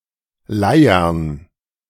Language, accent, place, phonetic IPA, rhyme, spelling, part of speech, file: German, Germany, Berlin, [ˈlaɪ̯ɐn], -aɪ̯ɐn, Leiern, noun, De-Leiern.ogg
- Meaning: plural of Leier